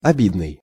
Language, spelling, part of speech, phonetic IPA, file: Russian, обидный, adjective, [ɐˈbʲidnɨj], Ru-обидный.ogg
- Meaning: 1. offensive, slighting 2. vexing, annoying, frustrating, disappointing